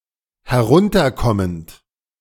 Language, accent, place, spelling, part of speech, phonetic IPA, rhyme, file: German, Germany, Berlin, herunterkommend, verb, [hɛˈʁʊntɐˌkɔmənt], -ʊntɐkɔmənt, De-herunterkommend.ogg
- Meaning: present participle of herunterkommen